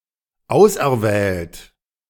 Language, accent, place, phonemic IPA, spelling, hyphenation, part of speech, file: German, Germany, Berlin, /ˈaʊ̯sʔɛɐ̯ˌvɛːlt/, auserwählt, aus‧er‧wählt, verb / adjective, De-auserwählt.ogg
- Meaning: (verb) past participle of auserwählen; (adjective) elect, chosen